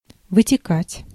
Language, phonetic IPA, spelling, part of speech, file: Russian, [vɨtʲɪˈkatʲ], вытекать, verb, Ru-вытекать.ogg
- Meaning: 1. to flow out, to escape, to run out, to drip out 2. to have its source (from), to flow (from, out of) 3. to result (from), to follow (from), to ensue